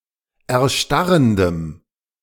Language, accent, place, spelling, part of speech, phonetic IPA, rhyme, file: German, Germany, Berlin, erstarrendem, adjective, [ɛɐ̯ˈʃtaʁəndəm], -aʁəndəm, De-erstarrendem.ogg
- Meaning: strong dative masculine/neuter singular of erstarrend